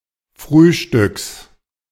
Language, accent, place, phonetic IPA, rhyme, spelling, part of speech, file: German, Germany, Berlin, [ˈfʁyːʃtʏks], -yːʃtʏks, Frühstücks, noun, De-Frühstücks.ogg
- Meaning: genitive singular of Frühstück